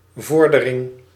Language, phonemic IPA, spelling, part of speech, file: Dutch, /vɔɾ.dǝ.ɾɪŋ/, vordering, noun, Nl-vordering.ogg
- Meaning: 1. petition (of court), complaint 2. claim against a debtor, account receivable 3. claim against any obligor, obligee’s right to performance 4. progress, advance